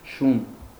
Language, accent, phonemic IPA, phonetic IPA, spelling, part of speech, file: Armenian, Eastern Armenian, /ʃun/, [ʃun], շուն, noun, Hy-շուն.ogg
- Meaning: dog